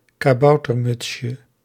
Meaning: diminutive of kaboutermuts
- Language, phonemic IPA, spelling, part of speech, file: Dutch, /kaˈbɑutərˌmʏtʃə/, kaboutermutsje, noun, Nl-kaboutermutsje.ogg